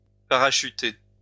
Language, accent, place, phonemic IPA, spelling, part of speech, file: French, France, Lyon, /pa.ʁa.ʃy.te/, parachuter, verb, LL-Q150 (fra)-parachuter.wav
- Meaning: to parachute (to introduce (something/someone) into a place using a parachute)